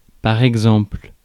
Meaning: example
- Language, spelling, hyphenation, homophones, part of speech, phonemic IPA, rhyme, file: French, exemple, ex‧emple, exemples, noun, /ɛɡ.zɑ̃pl/, -ɑ̃pl, Fr-exemple.ogg